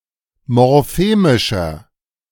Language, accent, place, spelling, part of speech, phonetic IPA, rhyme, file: German, Germany, Berlin, morphemischer, adjective, [mɔʁˈfeːmɪʃɐ], -eːmɪʃɐ, De-morphemischer.ogg
- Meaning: inflection of morphemisch: 1. strong/mixed nominative masculine singular 2. strong genitive/dative feminine singular 3. strong genitive plural